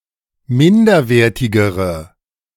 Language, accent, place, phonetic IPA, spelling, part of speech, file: German, Germany, Berlin, [ˈmɪndɐˌveːɐ̯tɪɡəʁə], minderwertigere, adjective, De-minderwertigere.ogg
- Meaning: inflection of minderwertig: 1. strong/mixed nominative/accusative feminine singular comparative degree 2. strong nominative/accusative plural comparative degree